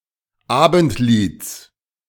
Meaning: genitive singular of Abendlied
- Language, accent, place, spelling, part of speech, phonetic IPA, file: German, Germany, Berlin, Abendlieds, noun, [ˈaːbn̩tˌliːt͡s], De-Abendlieds.ogg